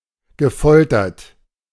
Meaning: past participle of foltern
- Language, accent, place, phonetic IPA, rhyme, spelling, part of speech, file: German, Germany, Berlin, [ɡəˈfɔltɐt], -ɔltɐt, gefoltert, verb, De-gefoltert.ogg